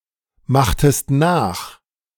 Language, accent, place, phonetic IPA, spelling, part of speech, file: German, Germany, Berlin, [ˌmaxtəst ˈnaːx], machtest nach, verb, De-machtest nach.ogg
- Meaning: inflection of nachmachen: 1. second-person singular preterite 2. second-person singular subjunctive II